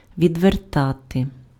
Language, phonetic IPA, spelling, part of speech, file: Ukrainian, [ʋʲidʋerˈtate], відвертати, verb, Uk-відвертати.ogg
- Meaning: 1. to turn away, to turn aside, to avert 2. to divert, to distract 3. to avert, to prevent, to ward off, to fend off 4. to unscrew